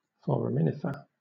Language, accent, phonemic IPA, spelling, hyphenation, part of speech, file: English, Southern England, /ˌfɒɹəˈmɪnɪfə/, foraminifer, for‧a‧min‧if‧er, noun, LL-Q1860 (eng)-foraminifer.wav